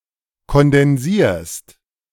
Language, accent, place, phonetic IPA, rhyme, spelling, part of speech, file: German, Germany, Berlin, [kɔndɛnˈziːɐ̯st], -iːɐ̯st, kondensierst, verb, De-kondensierst.ogg
- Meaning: second-person singular present of kondensieren